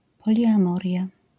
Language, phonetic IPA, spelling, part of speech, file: Polish, [ˌpɔlʲiʲãˈmɔrʲja], poliamoria, noun, LL-Q809 (pol)-poliamoria.wav